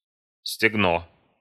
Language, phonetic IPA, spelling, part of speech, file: Russian, [sʲtʲɪɡˈno], стегно, noun, Ru-стегно.ogg
- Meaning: thigh